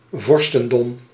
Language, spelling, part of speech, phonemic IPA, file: Dutch, vorstendom, noun, /ˈvɔrstəndɔm/, Nl-vorstendom.ogg
- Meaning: principality, princedom (a region or sovereign nation headed by a prince or princess)